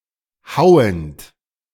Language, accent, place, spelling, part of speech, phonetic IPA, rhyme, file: German, Germany, Berlin, hauend, verb, [ˈhaʊ̯ənt], -aʊ̯ənt, De-hauend.ogg
- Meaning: present participle of hauen